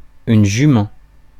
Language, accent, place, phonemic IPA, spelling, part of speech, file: French, France, Paris, /ʒy.mɑ̃/, jument, noun, Fr-jument.ogg
- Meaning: 1. mare (female horse) 2. a tall, slim and beautiful woman